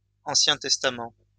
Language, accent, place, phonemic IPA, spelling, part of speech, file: French, France, Lyon, /ɑ̃.sjɛ̃ tɛs.ta.mɑ̃/, Ancien Testament, proper noun, LL-Q150 (fra)-Ancien Testament.wav
- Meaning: Old Testament